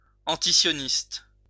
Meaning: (adjective) anti-Zionist
- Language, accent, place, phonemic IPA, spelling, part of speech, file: French, France, Lyon, /ɑ̃.ti.sjɔ.nist/, antisioniste, adjective / noun, LL-Q150 (fra)-antisioniste.wav